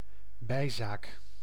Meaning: a matter of secondary or minor importance
- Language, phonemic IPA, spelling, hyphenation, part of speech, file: Dutch, /ˈbɛi̯.zaːk/, bijzaak, bij‧zaak, noun, Nl-bijzaak.ogg